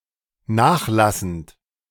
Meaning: present participle of nachlassen
- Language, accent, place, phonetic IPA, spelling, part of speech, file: German, Germany, Berlin, [ˈnaːxˌlasn̩t], nachlassend, verb, De-nachlassend.ogg